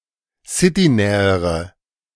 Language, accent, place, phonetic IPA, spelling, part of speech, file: German, Germany, Berlin, [ˈsɪtiˌnɛːəʁə], citynähere, adjective, De-citynähere.ogg
- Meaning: inflection of citynah: 1. strong/mixed nominative/accusative feminine singular comparative degree 2. strong nominative/accusative plural comparative degree